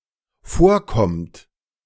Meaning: inflection of vorkommen: 1. third-person singular dependent present 2. second-person plural dependent present
- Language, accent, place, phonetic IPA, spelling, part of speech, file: German, Germany, Berlin, [ˈfoːɐ̯ˌkɔmt], vorkommt, verb, De-vorkommt.ogg